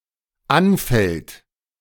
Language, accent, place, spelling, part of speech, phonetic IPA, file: German, Germany, Berlin, anfällt, verb, [ˈanˌfɛlt], De-anfällt.ogg
- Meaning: inflection of anfallen: 1. third-person singular present 2. second-person plural present